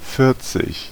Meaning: forty
- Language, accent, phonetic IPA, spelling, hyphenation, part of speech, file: German, Germany, [ˈfɪɐ̯t͡sɪç], vierzig, vier‧zig, numeral, De-vierzig.ogg